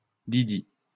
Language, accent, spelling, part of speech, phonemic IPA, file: French, France, Lydie, proper noun, /li.di/, LL-Q150 (fra)-Lydie.wav
- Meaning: 1. Lydia (a historical region and ancient kingdom in western Asia Minor, in modern-day Turkey) 2. Lydia (biblical character) 3. a female given name